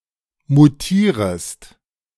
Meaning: second-person singular subjunctive I of mutieren
- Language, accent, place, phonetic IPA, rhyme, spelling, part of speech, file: German, Germany, Berlin, [muˈtiːʁəst], -iːʁəst, mutierest, verb, De-mutierest.ogg